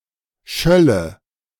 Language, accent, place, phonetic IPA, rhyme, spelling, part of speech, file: German, Germany, Berlin, [ˈʃœlə], -œlə, schölle, verb, De-schölle.ogg
- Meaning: first/third-person singular subjunctive II of schallen